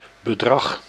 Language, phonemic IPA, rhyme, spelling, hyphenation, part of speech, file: Dutch, /bəˈdrɑx/, -ɑx, bedrag, be‧drag, noun, Nl-bedrag.ogg
- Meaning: amount of money